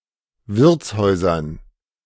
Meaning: dative plural of Wirtshaus
- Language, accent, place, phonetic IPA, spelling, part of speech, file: German, Germany, Berlin, [ˈvɪʁt͡sˌhɔɪ̯zɐn], Wirtshäusern, noun, De-Wirtshäusern.ogg